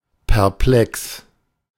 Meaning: confused, perplexed, puzzled
- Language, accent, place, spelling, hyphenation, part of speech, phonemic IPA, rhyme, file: German, Germany, Berlin, perplex, per‧plex, adjective, /pɛʁˈplɛks/, -ɛks, De-perplex.ogg